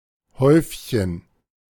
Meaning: diminutive of Haufen
- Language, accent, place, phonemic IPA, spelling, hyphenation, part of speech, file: German, Germany, Berlin, /ˈhɔʏf.çən/, Häufchen, Häuf‧chen, noun, De-Häufchen.ogg